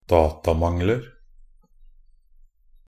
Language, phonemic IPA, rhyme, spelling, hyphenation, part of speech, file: Norwegian Bokmål, /ˈdɑːtamaŋlər/, -ər, datamangler, da‧ta‧mang‧ler, noun, Nb-datamangler.ogg
- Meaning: indefinite plural of datamangel